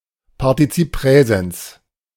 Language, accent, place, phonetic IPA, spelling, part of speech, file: German, Germany, Berlin, [paʁtiˈt͡siːp ˈpʁɛːzɛns], Partizip Präsens, noun, De-Partizip Präsens.ogg
- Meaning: present participle